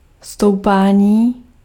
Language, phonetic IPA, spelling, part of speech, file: Czech, [ˈstou̯paːɲiː], stoupání, noun, Cs-stoupání.ogg
- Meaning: 1. verbal noun of stoupat 2. rise (the action of moving upwards)